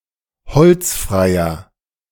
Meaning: inflection of holzfrei: 1. strong/mixed nominative masculine singular 2. strong genitive/dative feminine singular 3. strong genitive plural
- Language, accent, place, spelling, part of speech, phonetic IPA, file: German, Germany, Berlin, holzfreier, adjective, [ˈhɔlt͡sˌfʁaɪ̯ɐ], De-holzfreier.ogg